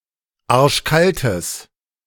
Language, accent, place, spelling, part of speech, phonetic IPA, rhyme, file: German, Germany, Berlin, arschkaltes, adjective, [ˈaʁʃˈkaltəs], -altəs, De-arschkaltes.ogg
- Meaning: strong/mixed nominative/accusative neuter singular of arschkalt